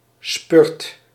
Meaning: spurt (short sudden energetic effort), especially in running or cycling
- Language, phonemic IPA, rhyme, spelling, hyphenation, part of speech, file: Dutch, /spʏrt/, -ʏrt, spurt, spurt, noun, Nl-spurt.ogg